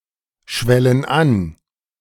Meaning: inflection of anschwellen: 1. first/third-person plural present 2. first/third-person plural subjunctive I
- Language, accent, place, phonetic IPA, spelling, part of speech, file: German, Germany, Berlin, [ˌʃvɛlən ˈan], schwellen an, verb, De-schwellen an.ogg